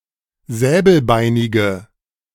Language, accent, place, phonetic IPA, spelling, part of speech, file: German, Germany, Berlin, [ˈzɛːbl̩ˌbaɪ̯nɪɡə], säbelbeinige, adjective, De-säbelbeinige.ogg
- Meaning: inflection of säbelbeinig: 1. strong/mixed nominative/accusative feminine singular 2. strong nominative/accusative plural 3. weak nominative all-gender singular